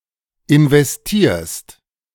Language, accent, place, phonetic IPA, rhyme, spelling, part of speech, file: German, Germany, Berlin, [ɪnvɛsˈtiːɐ̯st], -iːɐ̯st, investierst, verb, De-investierst.ogg
- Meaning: second-person singular present of investieren